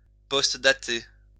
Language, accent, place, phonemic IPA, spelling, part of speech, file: French, France, Lyon, /pɔst.da.te/, postdater, verb, LL-Q150 (fra)-postdater.wav
- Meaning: to postdate